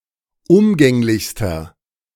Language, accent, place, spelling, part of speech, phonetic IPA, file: German, Germany, Berlin, umgänglichster, adjective, [ˈʊmɡɛŋlɪçstɐ], De-umgänglichster.ogg
- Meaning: inflection of umgänglich: 1. strong/mixed nominative masculine singular superlative degree 2. strong genitive/dative feminine singular superlative degree 3. strong genitive plural superlative degree